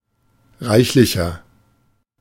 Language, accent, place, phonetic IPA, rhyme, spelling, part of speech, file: German, Germany, Berlin, [ˈʁaɪ̯çlɪçɐ], -aɪ̯çlɪçɐ, reichlicher, adjective, De-reichlicher.ogg
- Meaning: 1. comparative degree of reichlich 2. inflection of reichlich: strong/mixed nominative masculine singular 3. inflection of reichlich: strong genitive/dative feminine singular